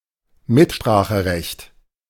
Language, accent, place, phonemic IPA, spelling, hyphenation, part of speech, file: German, Germany, Berlin, /ˈmɪtʃpʁaːxəˌʁɛçt/, Mitspracherecht, Mit‧spra‧che‧recht, noun, De-Mitspracherecht.ogg
- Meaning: voice, say (right to influence a decision)